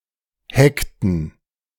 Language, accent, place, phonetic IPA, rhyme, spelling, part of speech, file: German, Germany, Berlin, [ˈhɛktn̩], -ɛktn̩, heckten, verb, De-heckten.ogg
- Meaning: inflection of hecken: 1. first/third-person plural preterite 2. first/third-person plural subjunctive II